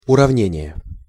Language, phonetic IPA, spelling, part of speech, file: Russian, [ʊrɐvˈnʲenʲɪje], уравнение, noun, Ru-уравнение.ogg
- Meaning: equation